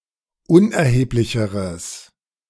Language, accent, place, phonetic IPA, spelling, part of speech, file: German, Germany, Berlin, [ˈʊnʔɛɐ̯heːplɪçəʁəs], unerheblicheres, adjective, De-unerheblicheres.ogg
- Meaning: strong/mixed nominative/accusative neuter singular comparative degree of unerheblich